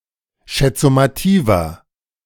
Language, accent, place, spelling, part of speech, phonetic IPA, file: German, Germany, Berlin, Schatzmeisters, noun, [ˈʃat͡sˌmaɪ̯stɐs], De-Schatzmeisters.ogg
- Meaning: genitive singular of Schatzmeister